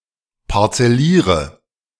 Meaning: inflection of parzellieren: 1. first-person singular present 2. first/third-person singular subjunctive I 3. singular imperative
- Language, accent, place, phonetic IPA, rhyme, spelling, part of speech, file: German, Germany, Berlin, [paʁt͡sɛˈliːʁə], -iːʁə, parzelliere, verb, De-parzelliere.ogg